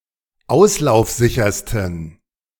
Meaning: 1. superlative degree of auslaufsicher 2. inflection of auslaufsicher: strong genitive masculine/neuter singular superlative degree
- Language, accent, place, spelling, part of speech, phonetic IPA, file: German, Germany, Berlin, auslaufsichersten, adjective, [ˈaʊ̯slaʊ̯fˌzɪçɐstn̩], De-auslaufsichersten.ogg